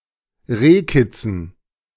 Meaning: dative plural of Rehkitz
- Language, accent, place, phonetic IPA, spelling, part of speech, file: German, Germany, Berlin, [ˈʁeːˌkɪt͡sn̩], Rehkitzen, noun, De-Rehkitzen.ogg